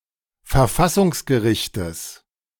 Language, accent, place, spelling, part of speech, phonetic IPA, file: German, Germany, Berlin, Verfassungsgerichtes, noun, [fɛɐ̯ˈfasʊŋsɡəˌʁɪçtəs], De-Verfassungsgerichtes.ogg
- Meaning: genitive singular of Verfassungsgericht